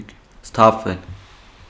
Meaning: 1. to sober up (especially from wine) 2. to come to oneself, to come to one's senses, to pull oneself together 3. to focus, to heed, pay attention 4. to bring back to life, to revive
- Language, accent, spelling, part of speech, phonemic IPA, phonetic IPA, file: Armenian, Eastern Armenian, սթափվել, verb, /stʰɑpʰˈvel/, [stʰɑpʰvél], Hy-սթափվել.ogg